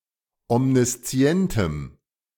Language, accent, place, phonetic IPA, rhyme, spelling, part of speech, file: German, Germany, Berlin, [ɔmniˈst͡si̯ɛntəm], -ɛntəm, omniszientem, adjective, De-omniszientem.ogg
- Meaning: strong dative masculine/neuter singular of omniszient